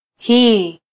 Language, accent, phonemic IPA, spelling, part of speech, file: Swahili, Kenya, /ˈhiː/, hii, adjective, Sw-ke-hii.flac
- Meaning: this (proximal demonstrative adjective)